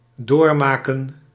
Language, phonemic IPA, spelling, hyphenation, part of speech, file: Dutch, /ˈdoːrˌmaː.kə(n)/, doormaken, door‧ma‧ken, verb, Nl-doormaken.ogg
- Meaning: to go through, to experience